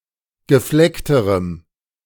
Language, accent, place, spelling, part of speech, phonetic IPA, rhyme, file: German, Germany, Berlin, gefleckterem, adjective, [ɡəˈflɛktəʁəm], -ɛktəʁəm, De-gefleckterem.ogg
- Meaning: strong dative masculine/neuter singular comparative degree of gefleckt